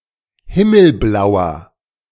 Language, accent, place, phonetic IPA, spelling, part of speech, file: German, Germany, Berlin, [ˈhɪml̩blaʊ̯ɐ], himmelblauer, adjective, De-himmelblauer.ogg
- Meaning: 1. comparative degree of himmelblau 2. inflection of himmelblau: strong/mixed nominative masculine singular 3. inflection of himmelblau: strong genitive/dative feminine singular